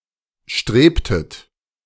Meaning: inflection of streben: 1. second-person plural preterite 2. second-person plural subjunctive II
- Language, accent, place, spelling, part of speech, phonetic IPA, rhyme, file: German, Germany, Berlin, strebtet, verb, [ˈʃtʁeːptət], -eːptət, De-strebtet.ogg